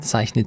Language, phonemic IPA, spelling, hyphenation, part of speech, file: German, /ˈt͡saɪ̯çnət/, zeichnet, zeich‧net, verb, De-zeichnet.ogg
- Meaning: inflection of zeichnen: 1. third-person singular present 2. second-person plural present 3. plural imperative 4. second-person plural subjunctive I